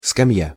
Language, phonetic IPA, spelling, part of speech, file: Russian, [skɐˈm⁽ʲ⁾ja], скамья, noun, Ru-скамья.ogg
- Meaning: bench (long seat in a park or garden)